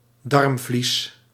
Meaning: 1. omentum, caul 2. mesentery
- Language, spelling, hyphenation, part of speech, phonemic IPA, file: Dutch, darmvlies, darm‧vlies, noun, /ˈdɑrm.vlis/, Nl-darmvlies.ogg